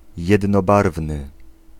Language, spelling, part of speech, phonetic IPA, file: Polish, jednobarwny, adjective, [ˌjɛdnɔˈbarvnɨ], Pl-jednobarwny.ogg